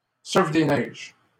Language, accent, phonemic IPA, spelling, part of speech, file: French, Canada, /sœʁf de nɛʒ/, surf des neiges, noun, LL-Q150 (fra)-surf des neiges.wav
- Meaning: snowboarding, snowboard (sport)